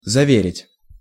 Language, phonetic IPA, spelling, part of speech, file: Russian, [zɐˈvʲerʲɪtʲ], заверить, verb, Ru-заверить.ogg
- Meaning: 1. to assure 2. to attest, to authenticate, to witness, to certify